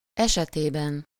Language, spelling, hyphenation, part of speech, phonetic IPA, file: Hungarian, esetében, ese‧té‧ben, noun / postposition, [ˈɛʃɛteːbɛn], Hu-esetében.ogg
- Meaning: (noun) inessive singular of esete; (postposition) in the case of, in the matter of, in relation to someone or something